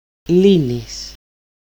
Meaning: second-person singular present active indicative of λύνω (lýno): you untie, solve
- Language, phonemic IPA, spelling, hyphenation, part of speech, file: Greek, /ˈli.nis/, λύνεις, λύ‧νεις, verb, El-λύνεις.ogg